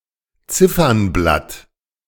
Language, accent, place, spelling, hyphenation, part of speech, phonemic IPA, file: German, Germany, Berlin, Ziffernblatt, Zif‧fern‧blatt, noun, /ˈt͡sɪfɐnˌblat/, De-Ziffernblatt.ogg
- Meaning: clock face, dial